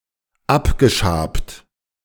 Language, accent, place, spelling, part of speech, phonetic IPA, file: German, Germany, Berlin, abgeschabt, adjective, [ˈapɡəˌʃaːpt], De-abgeschabt.ogg
- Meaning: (verb) past participle of abschaben; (adjective) shabby, threadbare